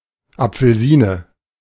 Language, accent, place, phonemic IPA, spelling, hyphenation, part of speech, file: German, Germany, Berlin, /ˌapfəlˈziːnə/, Apfelsine, Ap‧fel‧si‧ne, noun, De-Apfelsine.ogg
- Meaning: orange